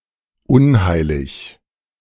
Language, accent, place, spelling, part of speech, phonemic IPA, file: German, Germany, Berlin, unheilig, adjective, /ˈʊnˌhaɪ̯lɪç/, De-unheilig.ogg
- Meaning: unholy